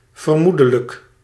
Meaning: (adjective) presumable, probable; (adverb) presumably
- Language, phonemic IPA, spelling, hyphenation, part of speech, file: Dutch, /vərˈmu.də.lək/, vermoedelijk, ver‧moe‧de‧lijk, adjective / adverb, Nl-vermoedelijk.ogg